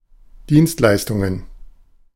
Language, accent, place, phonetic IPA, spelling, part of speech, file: German, Germany, Berlin, [ˈdiːnstˌlaɪ̯stʊŋən], Dienstleistungen, noun, De-Dienstleistungen.ogg
- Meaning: plural of Dienstleistung